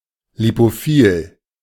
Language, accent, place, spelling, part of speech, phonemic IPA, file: German, Germany, Berlin, lipophil, adjective, /lipoˈfiːl/, De-lipophil.ogg
- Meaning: lipophilic